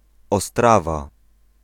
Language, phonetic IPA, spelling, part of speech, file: Polish, [ɔˈstrava], Ostrawa, proper noun, Pl-Ostrawa.ogg